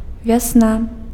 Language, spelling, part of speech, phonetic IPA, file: Belarusian, вясна, noun, [vʲaˈsna], Be-вясна.ogg
- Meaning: spring (season)